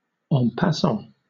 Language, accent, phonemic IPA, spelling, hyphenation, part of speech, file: English, Southern England, /ˌɒ̃ pæˈsɒ̃/, en passant, en pas‧sant, adjective / adverb / noun, LL-Q1860 (eng)-en passant.wav
- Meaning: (adjective) Of a capture, performed by a pawn on an enemy pawn that has just passed over its attack zone; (adverb) In passing, by the way, incidentally